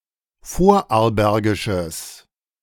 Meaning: strong/mixed nominative/accusative neuter singular of vorarlbergisch
- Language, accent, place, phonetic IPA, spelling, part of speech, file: German, Germany, Berlin, [ˈfoːɐ̯ʔaʁlˌbɛʁɡɪʃəs], vorarlbergisches, adjective, De-vorarlbergisches.ogg